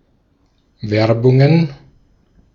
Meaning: plural of Werbung
- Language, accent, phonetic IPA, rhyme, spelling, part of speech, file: German, Austria, [ˈvɛʁbʊŋən], -ɛʁbʊŋən, Werbungen, noun, De-at-Werbungen.ogg